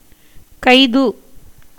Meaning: arrest
- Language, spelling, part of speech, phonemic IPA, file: Tamil, கைது, noun, /kɐɪ̯d̪ɯ/, Ta-கைது.ogg